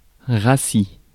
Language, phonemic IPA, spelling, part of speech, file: French, /ʁa.si/, rassis, adjective / verb / noun, Fr-rassis.ogg
- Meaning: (adjective) stale (having lost its freshness); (verb) inflection of rassir: 1. first/second-person singular present indicative 2. second-person singular imperative